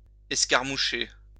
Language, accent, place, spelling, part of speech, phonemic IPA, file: French, France, Lyon, escarmoucher, verb, /ɛs.kaʁ.mu.ʃe/, LL-Q150 (fra)-escarmoucher.wav
- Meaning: to skirmish